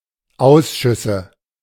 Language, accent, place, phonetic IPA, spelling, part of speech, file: German, Germany, Berlin, [ˈaʊ̯sʃʏsə], Ausschüsse, noun, De-Ausschüsse.ogg
- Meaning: nominative/accusative/genitive plural of Ausschuss